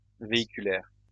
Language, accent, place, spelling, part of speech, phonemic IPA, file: French, France, Lyon, véhiculaire, adjective, /ve.i.ky.lɛʁ/, LL-Q150 (fra)-véhiculaire.wav
- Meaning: 1. vehicular (of or pertaining to a vehicle or vehicles) 2. vehicular (that is used between two groups who do not share a common native tongue)